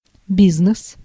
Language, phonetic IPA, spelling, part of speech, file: Russian, [ˈbʲiznɨs], бизнес, noun, Ru-бизнес.ogg
- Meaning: business (commercial activity; enterprise)